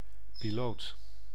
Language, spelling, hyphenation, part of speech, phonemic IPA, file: Dutch, piloot, pi‧loot, noun, /piˈloːt/, Nl-piloot.ogg
- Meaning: pilot